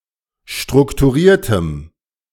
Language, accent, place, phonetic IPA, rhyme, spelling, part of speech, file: German, Germany, Berlin, [ˌʃtʁʊktuˈʁiːɐ̯təm], -iːɐ̯təm, strukturiertem, adjective, De-strukturiertem.ogg
- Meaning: strong dative masculine/neuter singular of strukturiert